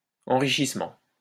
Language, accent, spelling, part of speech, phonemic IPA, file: French, France, enrichissement, noun, /ɑ̃.ʁi.ʃis.mɑ̃/, LL-Q150 (fra)-enrichissement.wav
- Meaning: enrichment